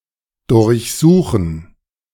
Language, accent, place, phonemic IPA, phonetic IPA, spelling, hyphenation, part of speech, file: German, Germany, Berlin, /dʊʁçˈzuːχən/, [dʊɐ̯çˈzuːχn̩], durchsuchen, durch‧su‧chen, verb, De-durchsuchen.ogg
- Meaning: to search